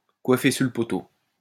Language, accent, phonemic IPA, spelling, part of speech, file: French, France, /kwa.fe syʁ lə pɔ.to/, coiffer sur le poteau, verb, LL-Q150 (fra)-coiffer sur le poteau.wav
- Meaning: alternative form of coiffer au poteau